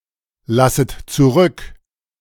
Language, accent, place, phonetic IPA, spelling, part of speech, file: German, Germany, Berlin, [ˌlasət t͡suˈʁʏk], lasset zurück, verb, De-lasset zurück.ogg
- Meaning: second-person plural subjunctive I of zurücklassen